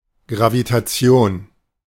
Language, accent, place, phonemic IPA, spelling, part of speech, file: German, Germany, Berlin, /ɡʁavitaˈt͡sɪ̯oːn/, Gravitation, noun, De-Gravitation.ogg
- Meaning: gravitation